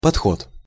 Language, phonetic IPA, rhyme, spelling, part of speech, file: Russian, [pɐtˈxot], -ot, подход, noun, Ru-подход.ogg
- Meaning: 1. approach 2. point of view 3. set (a certain amount of repetitions of a physical exercise)